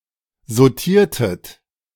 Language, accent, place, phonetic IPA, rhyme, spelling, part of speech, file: German, Germany, Berlin, [zoˈtiːɐ̯tət], -iːɐ̯tət, sautiertet, verb, De-sautiertet.ogg
- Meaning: inflection of sautieren: 1. second-person plural preterite 2. second-person plural subjunctive II